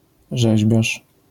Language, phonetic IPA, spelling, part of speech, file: Polish, [ˈʒɛʑbʲjaʃ], rzeźbiarz, noun, LL-Q809 (pol)-rzeźbiarz.wav